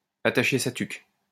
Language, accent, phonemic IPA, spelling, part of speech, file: French, France, /a.ta.ʃe sa tyk/, attacher sa tuque, verb, LL-Q150 (fra)-attacher sa tuque.wav
- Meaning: to brace oneself; to get ready; to hold onto one's hat